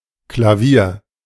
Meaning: piano
- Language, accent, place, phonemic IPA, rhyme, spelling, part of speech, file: German, Germany, Berlin, /klaˈviːɐ̯/, -iːɐ̯, Klavier, noun, De-Klavier.ogg